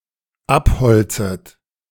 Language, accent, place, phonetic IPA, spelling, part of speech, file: German, Germany, Berlin, [ˈapˌhɔlt͡sət], abholzet, verb, De-abholzet.ogg
- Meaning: second-person plural dependent subjunctive I of abholzen